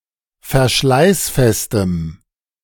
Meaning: strong dative masculine/neuter singular of verschleißfest
- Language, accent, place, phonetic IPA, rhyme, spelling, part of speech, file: German, Germany, Berlin, [fɛɐ̯ˈʃlaɪ̯sˌfɛstəm], -aɪ̯sfɛstəm, verschleißfestem, adjective, De-verschleißfestem.ogg